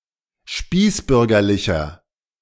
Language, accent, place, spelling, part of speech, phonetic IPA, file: German, Germany, Berlin, spießbürgerlicher, adjective, [ˈʃpiːsˌbʏʁɡɐlɪçɐ], De-spießbürgerlicher.ogg
- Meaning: 1. comparative degree of spießbürgerlich 2. inflection of spießbürgerlich: strong/mixed nominative masculine singular 3. inflection of spießbürgerlich: strong genitive/dative feminine singular